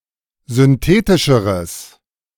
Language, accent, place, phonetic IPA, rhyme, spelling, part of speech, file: German, Germany, Berlin, [zʏnˈteːtɪʃəʁəs], -eːtɪʃəʁəs, synthetischeres, adjective, De-synthetischeres.ogg
- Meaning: strong/mixed nominative/accusative neuter singular comparative degree of synthetisch